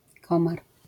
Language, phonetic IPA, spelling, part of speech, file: Polish, [ˈkɔ̃mar], komar, noun, LL-Q809 (pol)-komar.wav